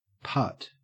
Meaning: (noun) The act of tapping a golf ball lightly on a putting green; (verb) To lightly strike a golf ball with a putter
- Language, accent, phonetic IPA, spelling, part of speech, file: English, Australia, [pʰat], putt, noun / verb, En-au-putt.ogg